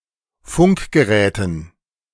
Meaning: dative plural of Funkgerät
- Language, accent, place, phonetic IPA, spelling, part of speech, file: German, Germany, Berlin, [ˈfʊŋkɡəˌʁɛːtn̩], Funkgeräten, noun, De-Funkgeräten.ogg